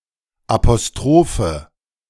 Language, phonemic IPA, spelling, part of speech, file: German, /apoˈstroːfə/, Apostrophe, noun, De-Apostrophe.ogg
- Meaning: 1. apostrophe 2. nominative/accusative/genitive plural of Apostroph